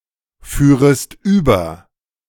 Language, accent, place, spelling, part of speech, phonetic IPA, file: German, Germany, Berlin, führest über, verb, [ˌfyːʁəst ˈyːbɐ], De-führest über.ogg
- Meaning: second-person singular subjunctive II of überfahren